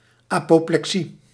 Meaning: apoplexy
- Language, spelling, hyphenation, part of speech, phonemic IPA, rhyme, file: Dutch, apoplexie, apo‧ple‧xie, noun, /ˌaː.poː.plɛkˈsi/, -i, Nl-apoplexie.ogg